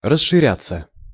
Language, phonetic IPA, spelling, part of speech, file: Russian, [rəʂːɨˈrʲat͡sːə], расширяться, verb, Ru-расширяться.ogg
- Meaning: 1. to widen, to broaden 2. to increase 3. to broaden, to enlarge, to extend, to expand 4. passive of расширя́ть (rasširjátʹ)